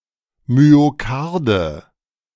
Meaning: nominative/accusative/genitive plural of Myokard
- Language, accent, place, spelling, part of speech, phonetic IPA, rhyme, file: German, Germany, Berlin, Myokarde, noun, [myoˈkaʁdə], -aʁdə, De-Myokarde.ogg